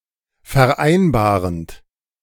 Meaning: present participle of vereinbaren
- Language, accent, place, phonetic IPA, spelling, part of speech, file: German, Germany, Berlin, [fɛɐ̯ˈʔaɪ̯nbaːʁənt], vereinbarend, verb, De-vereinbarend.ogg